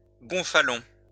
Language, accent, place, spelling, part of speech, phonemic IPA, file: French, France, Lyon, gonfalon, noun, /ɡɔ̃.fa.lɔ̃/, LL-Q150 (fra)-gonfalon.wav
- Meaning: gonfalon